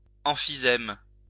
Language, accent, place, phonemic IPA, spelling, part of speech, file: French, France, Lyon, /ɑ̃.fi.zɛm/, emphysème, noun, LL-Q150 (fra)-emphysème.wav
- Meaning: emphysema (abnormal accumulation of air in tissues)